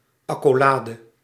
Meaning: 1. brace, curly bracket ({ }) 2. anything that resembles the above
- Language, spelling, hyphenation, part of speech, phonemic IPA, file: Dutch, accolade, ac‧co‧la‧de, noun, /ɑkoːˈlaːdə/, Nl-accolade.ogg